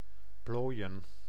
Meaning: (verb) 1. to pleat, fold 2. to gather wrinkles; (noun) plural of plooi
- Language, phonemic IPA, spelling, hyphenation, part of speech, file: Dutch, /ˈploːi̯ə(n)/, plooien, plooi‧en, verb / noun, Nl-plooien.ogg